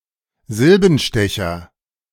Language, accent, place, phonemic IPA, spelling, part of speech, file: German, Germany, Berlin, /ˈzɪlbn̩ˌʃtɛçɐ/, Silbenstecher, noun, De-Silbenstecher.ogg
- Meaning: 1. writer 2. quibbler